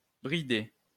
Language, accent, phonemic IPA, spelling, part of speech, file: French, France, /bʁi.de/, bridée, noun / verb, LL-Q150 (fra)-bridée.wav
- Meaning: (noun) female equivalent of bridé, female slant, a woman of East Asian descent; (verb) feminine singular of bridé